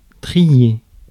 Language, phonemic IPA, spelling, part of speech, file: French, /tʁi.je/, trier, verb, Fr-trier.ogg
- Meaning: 1. to sort, to sort out 2. to grade; to calibrate